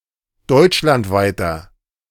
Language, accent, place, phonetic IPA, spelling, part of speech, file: German, Germany, Berlin, [ˈdɔɪ̯t͡ʃlantˌvaɪ̯tɐ], deutschlandweiter, adjective, De-deutschlandweiter.ogg
- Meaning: inflection of deutschlandweit: 1. strong/mixed nominative masculine singular 2. strong genitive/dative feminine singular 3. strong genitive plural